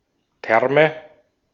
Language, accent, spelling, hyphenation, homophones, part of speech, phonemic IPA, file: German, Austria, Terme, Ter‧me, Therme, noun, /ˈtɛʁmə/, De-at-Terme.ogg
- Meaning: plural of Term